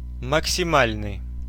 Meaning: maximal
- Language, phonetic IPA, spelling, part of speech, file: Russian, [məksʲɪˈmalʲnɨj], максимальный, adjective, Ru-максимальный.ogg